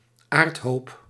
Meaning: mound, pile of dirt or soil
- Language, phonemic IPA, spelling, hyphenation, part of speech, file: Dutch, /ˈaːrt.ɦoːp/, aardhoop, aard‧hoop, noun, Nl-aardhoop.ogg